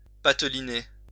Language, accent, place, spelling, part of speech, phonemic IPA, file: French, France, Lyon, pateliner, verb, /pa.tə.li.ne/, LL-Q150 (fra)-pateliner.wav
- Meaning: to finesse, to be as if in one’s own field (with), to handle oneself / to handle deftly, to be slippery as an eel (towards)